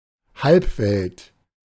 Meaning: demimonde (group having little respect or reputation)
- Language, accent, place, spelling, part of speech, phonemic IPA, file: German, Germany, Berlin, Halbwelt, noun, /ˈhalpˌvɛlt/, De-Halbwelt.ogg